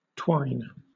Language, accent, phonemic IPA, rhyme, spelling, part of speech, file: English, Southern England, /twaɪn/, -aɪn, twine, noun / verb, LL-Q1860 (eng)-twine.wav
- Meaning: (noun) A twist; a convolution